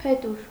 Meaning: feather
- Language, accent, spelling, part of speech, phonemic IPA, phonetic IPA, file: Armenian, Eastern Armenian, փետուր, noun, /pʰeˈtuɾ/, [pʰetúɾ], Hy-փետուր.ogg